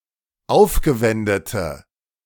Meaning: inflection of aufgewendet: 1. strong/mixed nominative/accusative feminine singular 2. strong nominative/accusative plural 3. weak nominative all-gender singular
- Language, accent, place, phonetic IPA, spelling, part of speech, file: German, Germany, Berlin, [ˈaʊ̯fɡəˌvɛndətə], aufgewendete, adjective, De-aufgewendete.ogg